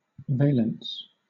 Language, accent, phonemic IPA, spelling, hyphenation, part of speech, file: English, Southern England, /ˈveɪl(ə)ns/, valence, va‧lence, noun, LL-Q1860 (eng)-valence.wav